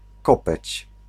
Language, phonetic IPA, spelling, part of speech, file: Polish, [ˈkɔpɛt͡ɕ], kopeć, noun, Pl-kopeć.ogg